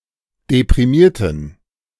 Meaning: inflection of deprimiert: 1. strong genitive masculine/neuter singular 2. weak/mixed genitive/dative all-gender singular 3. strong/weak/mixed accusative masculine singular 4. strong dative plural
- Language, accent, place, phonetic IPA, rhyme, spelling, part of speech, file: German, Germany, Berlin, [depʁiˈmiːɐ̯tn̩], -iːɐ̯tn̩, deprimierten, verb / adjective, De-deprimierten.ogg